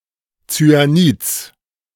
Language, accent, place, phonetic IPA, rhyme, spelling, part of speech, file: German, Germany, Berlin, [t͡syaˈniːt͡s], -iːt͡s, Zyanids, noun, De-Zyanids.ogg
- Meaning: genitive singular of Zyanid